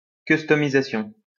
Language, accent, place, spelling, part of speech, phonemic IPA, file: French, France, Lyon, customisation, noun, /kys.tɔ.mi.za.sjɔ̃/, LL-Q150 (fra)-customisation.wav
- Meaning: customisation